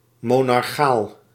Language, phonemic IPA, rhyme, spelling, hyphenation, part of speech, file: Dutch, /ˌmoː.nɑrˈxaːl/, -aːl, monarchaal, mo‧nar‧chaal, adjective, Nl-monarchaal.ogg
- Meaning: monarchic, monarchal